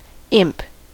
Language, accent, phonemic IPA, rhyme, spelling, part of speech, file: English, General American, /ɪmp/, -ɪmp, imp, verb / noun, En-us-imp.ogg
- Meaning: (verb) 1. To engraft or plant (a plant or part of one, a sapling, etc.) 2. To graft or implant (something other than a plant); to fix or set (something) in